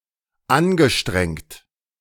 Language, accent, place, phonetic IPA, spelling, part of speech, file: German, Germany, Berlin, [ˈanɡəˌʃtʁɛŋt], angestrengt, verb, De-angestrengt.ogg
- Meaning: past participle of anstrengen